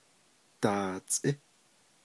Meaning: 1. may 2. possibly, maybe, perhaps 3. about, roughly, approximately
- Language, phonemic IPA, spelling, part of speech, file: Navajo, /tɑ̀ːt͡sʼɪ́/, daatsʼí, particle, Nv-daatsʼí.ogg